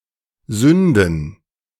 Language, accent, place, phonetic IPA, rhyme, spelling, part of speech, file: German, Germany, Berlin, [ˈzʏndn̩], -ʏndn̩, Sünden, noun, De-Sünden.ogg
- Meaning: plural of Sünde "sins"